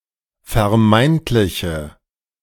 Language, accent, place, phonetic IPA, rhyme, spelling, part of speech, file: German, Germany, Berlin, [fɛɐ̯ˈmaɪ̯ntlɪçə], -aɪ̯ntlɪçə, vermeintliche, adjective, De-vermeintliche.ogg
- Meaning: inflection of vermeintlich: 1. strong/mixed nominative/accusative feminine singular 2. strong nominative/accusative plural 3. weak nominative all-gender singular